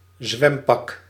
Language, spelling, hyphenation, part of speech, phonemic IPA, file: Dutch, zwempak, zwem‧pak, noun, /ˈzʋɛm.pɑk/, Nl-zwempak.ogg
- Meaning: swimsuit, bathing suit